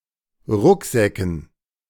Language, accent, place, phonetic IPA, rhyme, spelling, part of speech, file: German, Germany, Berlin, [ˈʁʊkˌzɛkn̩], -ʊkzɛkn̩, Rucksäcken, noun, De-Rucksäcken.ogg
- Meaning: dative plural of Rucksack